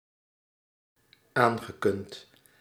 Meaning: past participle of aankunnen
- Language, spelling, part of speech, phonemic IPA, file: Dutch, aangekund, verb, /ˈaŋɣəˌkʏnt/, Nl-aangekund.ogg